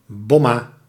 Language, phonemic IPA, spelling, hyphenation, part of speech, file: Dutch, /ˈbɔ.maː/, bomma, bom‧ma, noun, Nl-bomma.ogg
- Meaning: grandmother